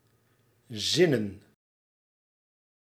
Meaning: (verb) 1. to contemplate, to plot 2. to satisfy, to please; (noun) plural of zin
- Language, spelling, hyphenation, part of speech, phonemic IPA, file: Dutch, zinnen, zin‧nen, verb / noun, /ˈzɪnə(n)/, Nl-zinnen.ogg